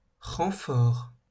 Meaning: 1. reinforcement 2. backup, help
- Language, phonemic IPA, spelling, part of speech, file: French, /ʁɑ̃.fɔʁ/, renfort, noun, LL-Q150 (fra)-renfort.wav